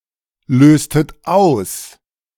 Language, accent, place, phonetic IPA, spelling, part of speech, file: German, Germany, Berlin, [ˌløːstət ˈaʊ̯s], löstet aus, verb, De-löstet aus.ogg
- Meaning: inflection of auslösen: 1. second-person plural preterite 2. second-person plural subjunctive II